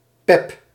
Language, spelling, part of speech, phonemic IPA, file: Dutch, pep, noun, /pɛp/, Nl-pep.ogg
- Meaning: the drug speed